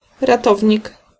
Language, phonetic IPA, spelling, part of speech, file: Polish, [raˈtɔvʲɲik], ratownik, noun, Pl-ratownik.ogg